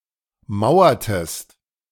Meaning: inflection of mauern: 1. second-person singular preterite 2. second-person singular subjunctive II
- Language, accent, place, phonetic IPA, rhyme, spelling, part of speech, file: German, Germany, Berlin, [ˈmaʊ̯ɐtəst], -aʊ̯ɐtəst, mauertest, verb, De-mauertest.ogg